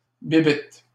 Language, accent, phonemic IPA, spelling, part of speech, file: French, Canada, /bi.bit/, bibitte, noun, LL-Q150 (fra)-bibitte.wav
- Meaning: 1. bug, critter 2. penis, dick, cock